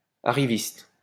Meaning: arriviste
- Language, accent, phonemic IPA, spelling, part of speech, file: French, France, /a.ʁi.vist/, arriviste, noun, LL-Q150 (fra)-arriviste.wav